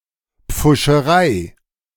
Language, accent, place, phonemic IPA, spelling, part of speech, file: German, Germany, Berlin, /p͡fʊʃəˈʁaɪ̯/, Pfuscherei, noun, De-Pfuscherei.ogg
- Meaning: bungling